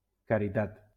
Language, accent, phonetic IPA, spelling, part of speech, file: Catalan, Valencia, [ka.ɾiˈtat], caritat, noun, LL-Q7026 (cat)-caritat.wav
- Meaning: charity (givingness)